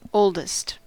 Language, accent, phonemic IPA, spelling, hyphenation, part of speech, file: English, US, /ˈoʊldəst/, oldest, old‧est, adjective / noun, En-us-oldest.ogg
- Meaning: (adjective) superlative form of old: most old; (noun) The oldest child in a family, or individual in a group